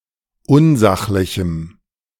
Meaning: strong dative masculine/neuter singular of unsachlich
- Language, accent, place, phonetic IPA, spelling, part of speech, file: German, Germany, Berlin, [ˈʊnˌzaxlɪçm̩], unsachlichem, adjective, De-unsachlichem.ogg